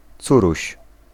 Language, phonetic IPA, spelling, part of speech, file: Polish, [ˈt͡suruɕ], córuś, noun, Pl-córuś.ogg